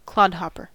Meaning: 1. A strong shoe for heavy-duty use; a boot 2. Any shoe construed (within a particular context) as ungainly 3. United States Navy ankle length work shoes, distinct from dress shoes or combat boots
- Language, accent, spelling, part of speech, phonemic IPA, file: English, US, clodhopper, noun, /ˈklɑdˌhɑpɚ/, En-us-clodhopper.ogg